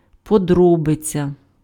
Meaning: detail
- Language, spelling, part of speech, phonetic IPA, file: Ukrainian, подробиця, noun, [pɔˈdrɔbet͡sʲɐ], Uk-подробиця.ogg